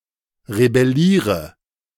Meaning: inflection of rebellieren: 1. first-person singular present 2. singular imperative 3. first/third-person singular subjunctive I
- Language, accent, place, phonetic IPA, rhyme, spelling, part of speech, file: German, Germany, Berlin, [ʁebɛˈliːʁə], -iːʁə, rebelliere, verb, De-rebelliere.ogg